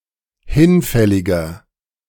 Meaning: 1. comparative degree of hinfällig 2. inflection of hinfällig: strong/mixed nominative masculine singular 3. inflection of hinfällig: strong genitive/dative feminine singular
- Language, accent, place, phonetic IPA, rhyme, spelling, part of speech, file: German, Germany, Berlin, [ˈhɪnˌfɛlɪɡɐ], -ɪnfɛlɪɡɐ, hinfälliger, adjective, De-hinfälliger.ogg